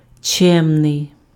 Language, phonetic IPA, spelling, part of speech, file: Ukrainian, [ˈt͡ʃɛmnei̯], чемний, adjective, Uk-чемний.ogg
- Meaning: polite, courteous, civil